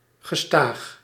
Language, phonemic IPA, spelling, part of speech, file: Dutch, /ɣəˈstaːx/, gestaag, adjective, Nl-gestaag.ogg
- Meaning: 1. steady, continuous 2. gradual